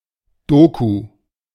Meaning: clipping of Dokumentation: 1. documentary 2. documentation, docs
- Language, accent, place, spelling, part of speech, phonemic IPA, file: German, Germany, Berlin, Doku, noun, /ˈdoːku/, De-Doku.ogg